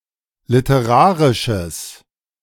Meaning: strong/mixed nominative/accusative neuter singular of literarisch
- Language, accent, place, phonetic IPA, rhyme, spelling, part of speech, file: German, Germany, Berlin, [lɪtəˈʁaːʁɪʃəs], -aːʁɪʃəs, literarisches, adjective, De-literarisches.ogg